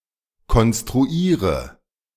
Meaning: inflection of konstruieren: 1. first-person singular present 2. first/third-person singular subjunctive I 3. singular imperative
- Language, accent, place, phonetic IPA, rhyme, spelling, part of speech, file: German, Germany, Berlin, [kɔnstʁuˈiːʁə], -iːʁə, konstruiere, verb, De-konstruiere.ogg